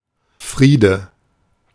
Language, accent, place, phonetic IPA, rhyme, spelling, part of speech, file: German, Germany, Berlin, [ˈfʁiːdə], -iːdə, Friede, noun, De-Friede.ogg
- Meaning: alternative form of Frieden